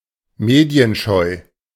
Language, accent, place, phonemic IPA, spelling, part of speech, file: German, Germany, Berlin, /ˈmeːdi̯ənˌʃɔɪ̯/, medienscheu, adjective, De-medienscheu.ogg
- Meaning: media-shy; low-profile